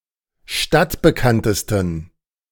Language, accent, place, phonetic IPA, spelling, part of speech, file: German, Germany, Berlin, [ˈʃtatbəˌkantəstn̩], stadtbekanntesten, adjective, De-stadtbekanntesten.ogg
- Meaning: 1. superlative degree of stadtbekannt 2. inflection of stadtbekannt: strong genitive masculine/neuter singular superlative degree